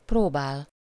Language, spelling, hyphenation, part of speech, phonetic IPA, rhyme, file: Hungarian, próbál, pró‧bál, verb, [ˈproːbaːl], -aːl, Hu-próbál.ogg
- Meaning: 1. to try 2. to rehearse